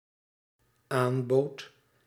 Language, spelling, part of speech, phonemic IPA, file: Dutch, aanboodt, verb, /ˈambot/, Nl-aanboodt.ogg
- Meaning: second-person (gij) singular dependent-clause past indicative of aanbieden